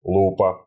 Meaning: 1. magnifying glass, magnifier (instrument) 2. loop
- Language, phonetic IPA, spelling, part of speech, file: Russian, [ˈɫupə], лупа, noun, Ru-лупа.ogg